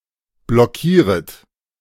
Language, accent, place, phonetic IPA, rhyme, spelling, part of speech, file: German, Germany, Berlin, [blɔˈkiːʁət], -iːʁət, blockieret, verb, De-blockieret.ogg
- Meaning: second-person plural subjunctive I of blockieren